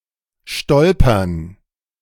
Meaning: 1. to stumble, to trip 2. to stumble across
- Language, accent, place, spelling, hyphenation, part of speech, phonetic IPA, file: German, Germany, Berlin, stolpern, stol‧pern, verb, [ˈʃtɔlpɐn], De-stolpern.ogg